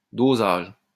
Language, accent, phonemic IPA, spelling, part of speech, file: French, France, /do.zaʒ/, dosage, noun, LL-Q150 (fra)-dosage.wav
- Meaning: dosage (measured amount of a medication)